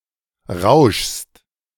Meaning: second-person singular present of rauschen
- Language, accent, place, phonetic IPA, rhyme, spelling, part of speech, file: German, Germany, Berlin, [ʁaʊ̯ʃst], -aʊ̯ʃst, rauschst, verb, De-rauschst.ogg